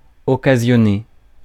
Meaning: to provoke, to cause
- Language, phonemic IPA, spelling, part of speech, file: French, /ɔ.ka.zjɔ.ne/, occasionner, verb, Fr-occasionner.ogg